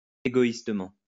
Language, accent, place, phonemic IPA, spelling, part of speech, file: French, France, Lyon, /e.ɡo.is.tə.mɑ̃/, égoïstement, adverb, LL-Q150 (fra)-égoïstement.wav
- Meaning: selfishly